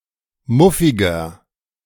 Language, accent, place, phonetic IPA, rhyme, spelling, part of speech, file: German, Germany, Berlin, [ˈmʊfɪɡɐ], -ʊfɪɡɐ, muffiger, adjective, De-muffiger.ogg
- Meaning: 1. comparative degree of muffig 2. inflection of muffig: strong/mixed nominative masculine singular 3. inflection of muffig: strong genitive/dative feminine singular